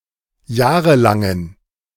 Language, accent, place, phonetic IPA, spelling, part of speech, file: German, Germany, Berlin, [ˈjaːʁəlaŋən], jahrelangen, adjective, De-jahrelangen.ogg
- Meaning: inflection of jahrelang: 1. strong genitive masculine/neuter singular 2. weak/mixed genitive/dative all-gender singular 3. strong/weak/mixed accusative masculine singular 4. strong dative plural